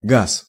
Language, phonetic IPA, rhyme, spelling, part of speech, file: Russian, [ɡas], -as, газ, noun, Ru-газ.ogg
- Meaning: 1. gas (state of matter) 2. natural gas 3. gas, gas pedal, throttle 4. wind, gas 5. vodka 6. gauze, gossamer (fabric)